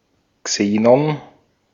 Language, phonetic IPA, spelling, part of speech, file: German, [ˈkseːnɔn], Xenon, noun, De-at-Xenon.ogg
- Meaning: xenon